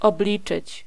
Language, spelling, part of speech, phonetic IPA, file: Polish, obliczyć, verb, [ɔbˈlʲit͡ʃɨt͡ɕ], Pl-obliczyć.ogg